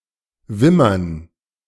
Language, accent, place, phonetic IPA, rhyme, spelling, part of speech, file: German, Germany, Berlin, [ˈvɪmɐn], -ɪmɐn, Wimmern, noun, De-Wimmern.ogg
- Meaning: 1. dative plural of Wimmer 2. gerund of wimmern